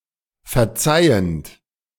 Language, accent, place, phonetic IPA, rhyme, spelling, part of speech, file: German, Germany, Berlin, [fɛɐ̯ˈt͡saɪ̯ənt], -aɪ̯ənt, verzeihend, verb, De-verzeihend.ogg
- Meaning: present participle of verzeihen